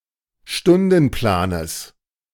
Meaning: genitive of Stundenplan
- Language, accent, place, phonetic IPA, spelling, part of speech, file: German, Germany, Berlin, [ˈʃtʊndn̩ˌplaːnəs], Stundenplanes, noun, De-Stundenplanes.ogg